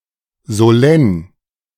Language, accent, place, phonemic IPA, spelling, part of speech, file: German, Germany, Berlin, /zoˈlɛn/, solenn, adjective, De-solenn.ogg
- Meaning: solemn